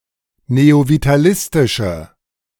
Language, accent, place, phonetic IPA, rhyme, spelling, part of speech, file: German, Germany, Berlin, [neovitaˈlɪstɪʃə], -ɪstɪʃə, neovitalistische, adjective, De-neovitalistische.ogg
- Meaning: inflection of neovitalistisch: 1. strong/mixed nominative/accusative feminine singular 2. strong nominative/accusative plural 3. weak nominative all-gender singular